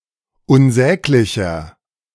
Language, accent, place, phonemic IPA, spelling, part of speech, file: German, Germany, Berlin, /ʊnˈzɛːklɪçɐ/, unsäglicher, adjective, De-unsäglicher.ogg
- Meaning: 1. comparative degree of unsäglich 2. inflection of unsäglich: strong/mixed nominative masculine singular 3. inflection of unsäglich: strong genitive/dative feminine singular